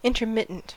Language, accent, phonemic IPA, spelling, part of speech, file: English, US, /ˌɪntɚˈmɪtn̩t/, intermittent, adjective / noun, En-us-intermittent.ogg
- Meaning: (adjective) 1. Stopping and starting, occurring, or presenting at intervals; coming after a particular time span 2. Existing only for certain seasons; that is, being dry for part of the year